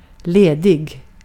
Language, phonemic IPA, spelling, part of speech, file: Swedish, /ˈleːˌdɪɡ/, ledig, adjective, Sv-ledig.ogg
- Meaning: 1. free, available, not occupied 2. relaxed, casual, informal